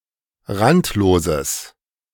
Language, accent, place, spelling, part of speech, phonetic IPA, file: German, Germany, Berlin, randloses, adjective, [ˈʁantloːzəs], De-randloses.ogg
- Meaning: strong/mixed nominative/accusative neuter singular of randlos